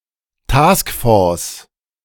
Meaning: task force
- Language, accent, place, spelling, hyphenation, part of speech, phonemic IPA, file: German, Germany, Berlin, Taskforce, Task‧force, noun, /ˈtaːskˌfoːɐ̯s/, De-Taskforce.ogg